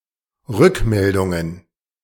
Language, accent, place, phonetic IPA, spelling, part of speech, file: German, Germany, Berlin, [ˈʁʏkˌmɛldʊŋən], Rückmeldungen, noun, De-Rückmeldungen.ogg
- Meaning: plural of Rückmeldung